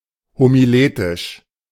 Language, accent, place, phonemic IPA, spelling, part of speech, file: German, Germany, Berlin, /homiˈleːtɪʃ/, homiletisch, adjective, De-homiletisch.ogg
- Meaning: homiletic